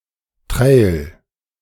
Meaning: trail
- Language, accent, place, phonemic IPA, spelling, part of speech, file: German, Germany, Berlin, /trɛɪ̯l/, Trail, noun, De-Trail.ogg